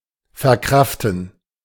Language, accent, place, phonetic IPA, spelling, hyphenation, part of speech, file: German, Germany, Berlin, [fɛʁˈkʁaftn̩], verkraften, ver‧kraf‧ten, verb, De-verkraften.ogg
- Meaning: to bear, stand, manage, cope with